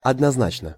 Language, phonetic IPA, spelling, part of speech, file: Russian, [ɐdnɐzˈnat͡ɕnə], однозначно, adverb, Ru-однозначно.ogg
- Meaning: 1. unambiguously 2. unequivocally